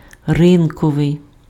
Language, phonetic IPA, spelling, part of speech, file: Ukrainian, [ˈrɪnkɔʋei̯], ринковий, adjective, Uk-ринковий.ogg
- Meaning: market (attributive)